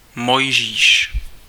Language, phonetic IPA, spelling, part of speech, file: Czech, [ˈmojʒiːʃ], Mojžíš, proper noun, Cs-Mojžíš.ogg
- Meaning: 1. Moses (the biblical patriarch) 2. a male surname